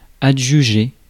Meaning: 1. to auction 2. to adjudicate 3. to take (all for oneself), to grant (oneself) the prerogative to
- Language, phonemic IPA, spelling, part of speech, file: French, /a.dʒy.ʒe/, adjuger, verb, Fr-adjuger.ogg